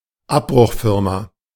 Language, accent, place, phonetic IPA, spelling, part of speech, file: German, Germany, Berlin, [ˈapbʁʊxˌfɪʁma], Abbruchfirma, noun, De-Abbruchfirma.ogg
- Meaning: demolition company